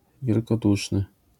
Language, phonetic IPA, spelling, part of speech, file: Polish, [ˌvʲjɛlkɔˈduʃnɨ], wielkoduszny, adjective, LL-Q809 (pol)-wielkoduszny.wav